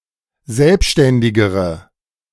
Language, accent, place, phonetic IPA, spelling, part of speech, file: German, Germany, Berlin, [ˈzɛlpʃtɛndɪɡəʁə], selbständigere, adjective, De-selbständigere.ogg
- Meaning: inflection of selbständig: 1. strong/mixed nominative/accusative feminine singular comparative degree 2. strong nominative/accusative plural comparative degree